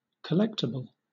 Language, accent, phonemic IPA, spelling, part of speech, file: English, Southern England, /kəˈlɛktɪbəl/, collectible, adjective / noun, LL-Q1860 (eng)-collectible.wav
- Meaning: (adjective) 1. Worthy or suitable for collecting on historical/financial grounds, or for meeting a personal aesthetic 2. Rightfully subject to payment 3. That is likely to be paid